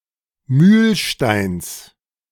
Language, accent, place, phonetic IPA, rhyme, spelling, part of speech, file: German, Germany, Berlin, [ˈmyːlˌʃtaɪ̯ns], -yːlʃtaɪ̯ns, Mühlsteins, noun, De-Mühlsteins.ogg
- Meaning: genitive singular of Mühlstein